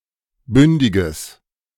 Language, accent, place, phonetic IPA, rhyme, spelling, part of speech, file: German, Germany, Berlin, [ˈbʏndɪɡəs], -ʏndɪɡəs, bündiges, adjective, De-bündiges.ogg
- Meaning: strong/mixed nominative/accusative neuter singular of bündig